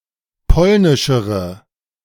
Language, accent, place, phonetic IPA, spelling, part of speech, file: German, Germany, Berlin, [ˈpɔlnɪʃəʁə], polnischere, adjective, De-polnischere.ogg
- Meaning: inflection of polnisch: 1. strong/mixed nominative/accusative feminine singular comparative degree 2. strong nominative/accusative plural comparative degree